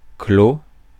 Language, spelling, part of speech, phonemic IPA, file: French, clos, verb / adjective / noun, /klo/, Fr-clos.ogg
- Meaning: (verb) past participle of clore; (adjective) 1. closed, shut 2. shut in, enclosed; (noun) a piece of cultivated land surrounded by walls or hedges, especially a small vineyard